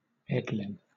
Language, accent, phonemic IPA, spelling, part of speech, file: English, Southern England, /ˈɛdlɪn/, Edlyn, proper noun, LL-Q1860 (eng)-Edlyn.wav
- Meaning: A female given name from the Germanic languages